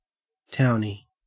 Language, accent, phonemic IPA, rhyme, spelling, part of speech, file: English, Australia, /ˈtaʊni/, -aʊni, townie, noun, En-au-townie.ogg
- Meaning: A person living in a university area who is not associated with the university